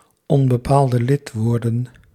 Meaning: plural of onbepaald lidwoord
- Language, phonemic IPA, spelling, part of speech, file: Dutch, /ˈɔmbɛˌpaldəˌlɪtwordə(n)/, onbepaalde lidwoorden, noun, Nl-onbepaalde lidwoorden.ogg